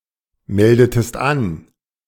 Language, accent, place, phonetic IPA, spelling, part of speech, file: German, Germany, Berlin, [ˌmɛldətəst ˈan], meldetest an, verb, De-meldetest an.ogg
- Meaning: inflection of anmelden: 1. second-person singular preterite 2. second-person singular subjunctive II